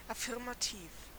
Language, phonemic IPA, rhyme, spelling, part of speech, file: German, /afɪʁmaˈtiːf/, -iːf, affirmativ, adjective, De-affirmativ.ogg
- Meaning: affirmative